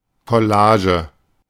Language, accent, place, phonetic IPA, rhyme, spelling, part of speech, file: German, Germany, Berlin, [kɔˈlaːʒə], -aːʒə, Collage, noun, De-Collage.ogg
- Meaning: 1. collage 2. mashup